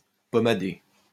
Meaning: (verb) past participle of pommader; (adjective) pomaded
- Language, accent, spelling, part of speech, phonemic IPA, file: French, France, pommadé, verb / adjective, /pɔ.ma.de/, LL-Q150 (fra)-pommadé.wav